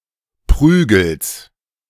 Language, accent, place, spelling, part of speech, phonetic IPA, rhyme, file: German, Germany, Berlin, Prügels, noun, [ˈpʁyːɡl̩s], -yːɡl̩s, De-Prügels.ogg
- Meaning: genitive singular of Prügel